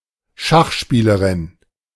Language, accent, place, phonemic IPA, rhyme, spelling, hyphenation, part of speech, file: German, Germany, Berlin, /ˈʃaχˌʃpiːləʁɪn/, -iːləʁɪn, Schachspielerin, Schach‧spie‧le‧rin, noun, De-Schachspielerin.ogg
- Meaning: female chess player